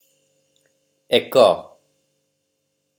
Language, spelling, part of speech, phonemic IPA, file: Odia, ଏକ, numeral, /ekɔ/, Or-ଏକ.oga
- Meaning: one